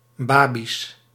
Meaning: plural of babi
- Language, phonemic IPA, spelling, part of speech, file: Dutch, /ˈbabis/, babi's, noun, Nl-babi's.ogg